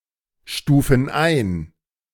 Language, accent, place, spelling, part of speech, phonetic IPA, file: German, Germany, Berlin, stufen ein, verb, [ˌʃtuːfn̩ ˈaɪ̯n], De-stufen ein.ogg
- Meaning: inflection of einstufen: 1. first/third-person plural present 2. first/third-person plural subjunctive I